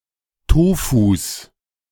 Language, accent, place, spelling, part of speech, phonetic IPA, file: German, Germany, Berlin, Tofus, noun, [ˈtoːfus], De-Tofus.ogg
- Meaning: plural of Tofu